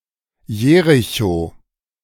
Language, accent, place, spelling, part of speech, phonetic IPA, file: German, Germany, Berlin, Jericho, proper noun, [ˈjeːʁɪço], De-Jericho.ogg
- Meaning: Jericho (a city in the West Bank, Palestine)